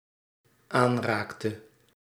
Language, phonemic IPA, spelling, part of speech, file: Dutch, /ˈanraktə/, aanraakte, verb, Nl-aanraakte.ogg
- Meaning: inflection of aanraken: 1. singular dependent-clause past indicative 2. singular dependent-clause past subjunctive